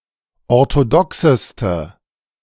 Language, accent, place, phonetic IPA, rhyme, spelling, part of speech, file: German, Germany, Berlin, [ɔʁtoˈdɔksəstə], -ɔksəstə, orthodoxeste, adjective, De-orthodoxeste.ogg
- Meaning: inflection of orthodox: 1. strong/mixed nominative/accusative feminine singular superlative degree 2. strong nominative/accusative plural superlative degree